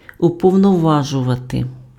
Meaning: to authorize, to empower, to depute (invest with power to act)
- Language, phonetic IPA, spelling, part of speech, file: Ukrainian, [ʊpɔu̯nɔˈʋaʒʊʋɐte], уповноважувати, verb, Uk-уповноважувати.ogg